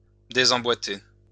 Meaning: "to disjoint; to put out of socket; to dislocate
- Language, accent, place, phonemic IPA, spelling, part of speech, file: French, France, Lyon, /de.zɑ̃.bwa.te/, désemboîter, verb, LL-Q150 (fra)-désemboîter.wav